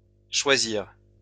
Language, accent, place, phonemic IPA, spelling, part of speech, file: French, France, Lyon, /ʃwa.ziʁ/, choisirent, verb, LL-Q150 (fra)-choisirent.wav
- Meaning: third-person plural past historic of choisir